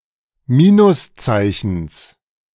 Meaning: genitive singular of Minuszeichen
- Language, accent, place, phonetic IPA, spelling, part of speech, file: German, Germany, Berlin, [ˈmiːnʊsˌt͡saɪ̯çn̩s], Minuszeichens, noun, De-Minuszeichens.ogg